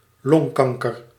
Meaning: lung cancer
- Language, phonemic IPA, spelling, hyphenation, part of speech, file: Dutch, /ˈlɔŋˌkɑŋ.kər/, longkanker, long‧kan‧ker, noun, Nl-longkanker.ogg